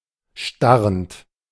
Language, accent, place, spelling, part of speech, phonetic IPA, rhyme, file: German, Germany, Berlin, starrend, verb, [ˈʃtaʁənt], -aʁənt, De-starrend.ogg
- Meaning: present participle of starren